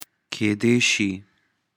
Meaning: 1. perhaps 2. could be 3. maybe
- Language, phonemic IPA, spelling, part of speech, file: Pashto, /ked̪e ʃi/, کېدې شي, adverb, کېدې شي.ogg